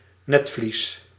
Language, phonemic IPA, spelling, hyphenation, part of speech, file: Dutch, /ˈnɛtvlis/, netvlies, net‧vlies, noun, Nl-netvlies.ogg
- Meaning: 1. retina (thin layer of cells at the back of the eyeball) 2. omentum, caul